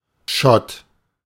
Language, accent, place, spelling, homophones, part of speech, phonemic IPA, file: German, Germany, Berlin, Schott, Shot, noun, /ʃɔt/, De-Schott.ogg
- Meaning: 1. bulkhead, baffle 2. gates, borders, limits